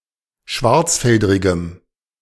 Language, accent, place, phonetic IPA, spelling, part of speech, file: German, Germany, Berlin, [ˈʃvaʁt͡sˌfɛldʁɪɡəm], schwarzfeldrigem, adjective, De-schwarzfeldrigem.ogg
- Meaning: strong dative masculine/neuter singular of schwarzfeldrig